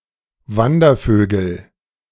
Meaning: nominative/accusative/genitive plural of Wandervogel
- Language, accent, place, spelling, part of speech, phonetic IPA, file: German, Germany, Berlin, Wandervögel, noun, [ˈvandɐˌføːɡl̩], De-Wandervögel.ogg